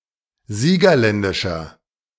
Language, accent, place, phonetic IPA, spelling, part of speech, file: German, Germany, Berlin, [ˈziːɡɐˌlɛndɪʃɐ], siegerländischer, adjective, De-siegerländischer.ogg
- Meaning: inflection of siegerländisch: 1. strong/mixed nominative masculine singular 2. strong genitive/dative feminine singular 3. strong genitive plural